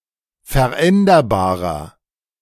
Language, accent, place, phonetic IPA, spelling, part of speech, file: German, Germany, Berlin, [fɛɐ̯ˈʔɛndɐbaːʁɐ], veränderbarer, adjective, De-veränderbarer.ogg
- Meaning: 1. comparative degree of veränderbar 2. inflection of veränderbar: strong/mixed nominative masculine singular 3. inflection of veränderbar: strong genitive/dative feminine singular